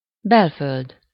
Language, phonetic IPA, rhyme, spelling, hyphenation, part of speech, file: Hungarian, [ˈbɛlføld], -øld, belföld, bel‧föld, noun, Hu-belföld.ogg
- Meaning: inland, interior